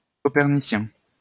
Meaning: Copernican
- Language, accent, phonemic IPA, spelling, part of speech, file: French, France, /kɔ.pɛʁ.ni.sjɛ̃/, copernicien, adjective, LL-Q150 (fra)-copernicien.wav